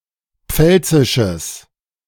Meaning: strong/mixed nominative/accusative neuter singular of pfälzisch
- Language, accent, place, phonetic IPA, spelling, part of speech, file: German, Germany, Berlin, [ˈp͡fɛlt͡sɪʃəs], pfälzisches, adjective, De-pfälzisches.ogg